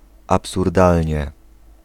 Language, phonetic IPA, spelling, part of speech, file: Polish, [ˌapsurˈdalʲɲɛ], absurdalnie, adverb, Pl-absurdalnie.ogg